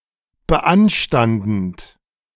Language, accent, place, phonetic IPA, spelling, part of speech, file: German, Germany, Berlin, [bəˈʔanʃtandn̩t], beanstandend, verb, De-beanstandend.ogg
- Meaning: present participle of beanstanden